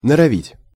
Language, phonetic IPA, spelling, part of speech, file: Russian, [nərɐˈvʲitʲ], норовить, verb, Ru-норовить.ogg
- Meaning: 1. to aim 2. to strive